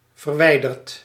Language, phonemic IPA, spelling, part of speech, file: Dutch, /vɛrˈwɛidərt/, verwijdert, verb, Nl-verwijdert.ogg
- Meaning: inflection of verwijderen: 1. second/third-person singular present indicative 2. plural imperative